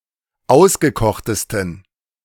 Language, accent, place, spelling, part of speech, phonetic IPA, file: German, Germany, Berlin, ausgekochtesten, adjective, [ˈaʊ̯sɡəˌkɔxtəstn̩], De-ausgekochtesten.ogg
- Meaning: 1. superlative degree of ausgekocht 2. inflection of ausgekocht: strong genitive masculine/neuter singular superlative degree